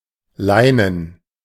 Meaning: canvas, cloth
- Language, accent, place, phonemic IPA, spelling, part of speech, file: German, Germany, Berlin, /ˈlaɪ̯nən/, leinen, adjective, De-leinen.ogg